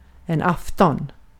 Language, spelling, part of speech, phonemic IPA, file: Swedish, afton, noun, /ˈaftɔn/, Sv-afton.ogg
- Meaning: 1. (early) evening 2. eve